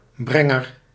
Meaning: bringer, carrier, deliverer
- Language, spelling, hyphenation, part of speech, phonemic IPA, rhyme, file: Dutch, brenger, bren‧ger, noun, /ˈbrɛ.ŋər/, -ɛŋər, Nl-brenger.ogg